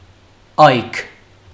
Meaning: 1. daybreak, dawn, morning 2. dawn (of), outset (of), start (of) 3. youth
- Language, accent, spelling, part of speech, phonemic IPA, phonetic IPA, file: Armenian, Western Armenian, այգ, noun, /ɑjk/, [ɑjkʰ], HyW-այգ.ogg